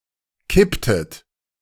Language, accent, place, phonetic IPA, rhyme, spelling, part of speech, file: German, Germany, Berlin, [ˈkɪptət], -ɪptət, kipptet, verb, De-kipptet.ogg
- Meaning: inflection of kippen: 1. second-person plural preterite 2. second-person plural subjunctive II